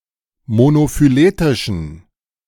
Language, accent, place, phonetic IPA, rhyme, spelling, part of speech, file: German, Germany, Berlin, [monofyˈleːtɪʃn̩], -eːtɪʃn̩, monophyletischen, adjective, De-monophyletischen.ogg
- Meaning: inflection of monophyletisch: 1. strong genitive masculine/neuter singular 2. weak/mixed genitive/dative all-gender singular 3. strong/weak/mixed accusative masculine singular 4. strong dative plural